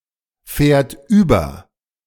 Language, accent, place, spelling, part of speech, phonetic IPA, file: German, Germany, Berlin, fährt über, verb, [ˌfɛːɐ̯t ˈyːbɐ], De-fährt über.ogg
- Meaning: third-person singular present of überfahren